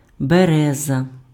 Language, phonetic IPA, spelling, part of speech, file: Ukrainian, [beˈrɛzɐ], береза, noun, Uk-береза.ogg
- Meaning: 1. birch (tree) 2. a hard wood taken from the birch tree 3. leader at any activities (parties, choir, caroling etc.)